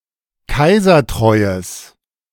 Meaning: strong/mixed nominative/accusative neuter singular of kaisertreu
- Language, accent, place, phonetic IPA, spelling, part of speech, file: German, Germany, Berlin, [ˈkaɪ̯zɐˌtʁɔɪ̯əs], kaisertreues, adjective, De-kaisertreues.ogg